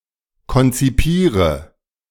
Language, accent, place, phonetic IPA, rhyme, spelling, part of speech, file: German, Germany, Berlin, [kɔnt͡siˈpiːʁə], -iːʁə, konzipiere, verb, De-konzipiere.ogg
- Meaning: inflection of konzipieren: 1. first-person singular present 2. first/third-person singular subjunctive I 3. singular imperative